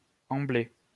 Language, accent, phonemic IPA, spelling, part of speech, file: French, France, /ɑ̃.ble/, ambler, verb, LL-Q150 (fra)-ambler.wav
- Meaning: to amble